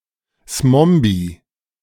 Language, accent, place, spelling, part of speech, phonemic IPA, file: German, Germany, Berlin, Smombie, noun, /ˈsmɔmbi/, De-Smombie.ogg
- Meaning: smombie